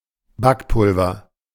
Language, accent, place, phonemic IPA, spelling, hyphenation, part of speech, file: German, Germany, Berlin, /ˈbakpʊlvɐ/, Backpulver, Back‧pul‧ver, noun, De-Backpulver.ogg
- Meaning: A baking powder, dry leavening agent used in baking pastry etc